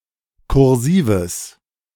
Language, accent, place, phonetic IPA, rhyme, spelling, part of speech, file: German, Germany, Berlin, [kʊʁˈziːvəs], -iːvəs, kursives, adjective, De-kursives.ogg
- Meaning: strong/mixed nominative/accusative neuter singular of kursiv